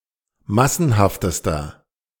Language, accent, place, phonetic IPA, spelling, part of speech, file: German, Germany, Berlin, [ˈmasn̩haftəstɐ], massenhaftester, adjective, De-massenhaftester.ogg
- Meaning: inflection of massenhaft: 1. strong/mixed nominative masculine singular superlative degree 2. strong genitive/dative feminine singular superlative degree 3. strong genitive plural superlative degree